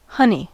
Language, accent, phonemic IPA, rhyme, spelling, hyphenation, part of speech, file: English, US, /ˈhʌni/, -ʌni, honey, hon‧ey, noun / adjective / verb, En-us-honey.ogg
- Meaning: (noun) 1. A sweet, viscous, gold-colored fluid produced from plant nectar by bees, and often consumed by humans 2. A variety of this substance 3. Nectar 4. Something sweet or desirable